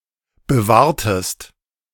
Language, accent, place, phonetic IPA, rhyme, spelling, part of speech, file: German, Germany, Berlin, [bəˈvaːɐ̯təst], -aːɐ̯təst, bewahrtest, verb, De-bewahrtest.ogg
- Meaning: inflection of bewahren: 1. second-person singular preterite 2. second-person singular subjunctive II